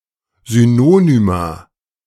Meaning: plural of Synonym
- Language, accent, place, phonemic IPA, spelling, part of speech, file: German, Germany, Berlin, /ˌzyˈnoːnyma/, Synonyma, noun, De-Synonyma.ogg